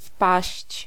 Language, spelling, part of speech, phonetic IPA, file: Polish, wpaść, verb, [fpaɕt͡ɕ], Pl-wpaść.ogg